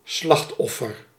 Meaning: 1. victim 2. sacrificial victim, usually an animal
- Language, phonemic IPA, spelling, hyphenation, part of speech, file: Dutch, /ˈslɑxtˌɔ.fər/, slachtoffer, slacht‧of‧fer, noun, Nl-slachtoffer.ogg